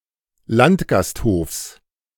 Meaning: genitive singular of Landgasthof
- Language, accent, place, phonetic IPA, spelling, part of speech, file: German, Germany, Berlin, [ˈlantɡasthoːfs], Landgasthofs, noun, De-Landgasthofs.ogg